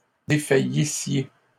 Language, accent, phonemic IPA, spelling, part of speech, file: French, Canada, /de.fa.ji.sje/, défaillissiez, verb, LL-Q150 (fra)-défaillissiez.wav
- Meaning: second-person plural imperfect subjunctive of défaillir